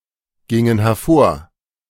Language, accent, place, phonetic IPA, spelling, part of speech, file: German, Germany, Berlin, [ˌɡɪŋən hɛɐ̯ˈfoːɐ̯], gingen hervor, verb, De-gingen hervor.ogg
- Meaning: inflection of hervorgehen: 1. first/third-person plural preterite 2. first/third-person plural subjunctive II